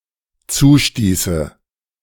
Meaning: first/third-person singular dependent subjunctive II of zustoßen
- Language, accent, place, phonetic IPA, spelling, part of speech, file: German, Germany, Berlin, [ˈt͡suːˌʃtiːsə], zustieße, verb, De-zustieße.ogg